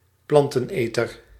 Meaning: a herbivore (plant-eating animal)
- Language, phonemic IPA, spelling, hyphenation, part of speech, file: Dutch, /ˈplɑn.tə(n)ˌeː.tər/, planteneter, plan‧ten‧eter, noun, Nl-planteneter.ogg